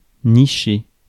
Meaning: 1. to nest (bird) 2. to nestle 3. to hang out
- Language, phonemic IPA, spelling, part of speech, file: French, /ni.ʃe/, nicher, verb, Fr-nicher.ogg